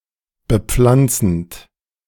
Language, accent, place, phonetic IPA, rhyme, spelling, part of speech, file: German, Germany, Berlin, [bəˈp͡flant͡sn̩t], -ant͡sn̩t, bepflanzend, verb, De-bepflanzend.ogg
- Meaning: present participle of bepflanzen